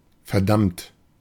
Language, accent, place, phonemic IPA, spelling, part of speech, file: German, Germany, Berlin, /fɛɐ̯.ˈdamt/, verdammt, verb / adjective / interjection, De-verdammt.ogg
- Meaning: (verb) past participle of verdammen; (adjective) damned; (interjection) damn; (verb) inflection of verdammen: 1. third-person singular present 2. second-person plural present